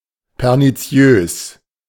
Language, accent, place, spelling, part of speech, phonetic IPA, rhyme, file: German, Germany, Berlin, perniziös, adjective, [pɛʁniˈt͡si̯øːs], -øːs, De-perniziös.ogg
- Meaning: pernicious